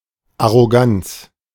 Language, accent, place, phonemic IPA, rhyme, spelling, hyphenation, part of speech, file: German, Germany, Berlin, /aʁoˈɡant͡s/, -ants, Arroganz, Ar‧ro‧ganz, noun, De-Arroganz.ogg
- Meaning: arrogance